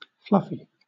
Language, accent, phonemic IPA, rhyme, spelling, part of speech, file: English, Southern England, /ˈflʌfi/, -ʌfi, fluffy, adjective / noun, LL-Q1860 (eng)-fluffy.wav
- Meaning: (adjective) 1. Covered with fluff 2. Light; soft; airy 3. Warm and comforting 4. Not clearly defined or explained; fuzzy 5. Lightweight; superficial; lacking depth or seriousness